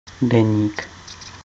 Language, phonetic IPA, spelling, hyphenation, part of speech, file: Czech, [ˈdɛɲiːk], deník, de‧ník, noun, Cs-deník.ogg
- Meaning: 1. diary, journal 2. journal, newspaper